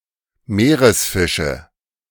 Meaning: nominative/accusative/genitive plural of Meeresfisch
- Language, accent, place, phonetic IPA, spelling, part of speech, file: German, Germany, Berlin, [ˈmeːʁəsˌfɪʃə], Meeresfische, noun, De-Meeresfische.ogg